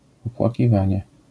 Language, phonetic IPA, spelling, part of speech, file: Polish, [ˌɔpwaciˈvãɲɛ], opłakiwanie, noun, LL-Q809 (pol)-opłakiwanie.wav